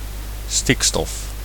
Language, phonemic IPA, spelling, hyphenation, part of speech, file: Dutch, /ˈstɪk.stɔf/, stikstof, stik‧stof, noun, Nl-stikstof.ogg
- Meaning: nitrogen